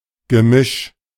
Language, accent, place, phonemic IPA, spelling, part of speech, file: German, Germany, Berlin, /ɡəˈmɪʃ/, Gemisch, noun, De-Gemisch.ogg
- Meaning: 1. mixture 2. composite 3. miscellany